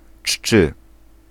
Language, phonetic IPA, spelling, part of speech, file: Polish, [t͡ʃːɨ], czczy, adjective, Pl-czczy.ogg